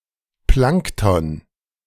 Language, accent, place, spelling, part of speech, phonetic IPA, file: German, Germany, Berlin, Plankton, noun, [ˈplaŋktɔn], De-Plankton.ogg
- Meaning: plankton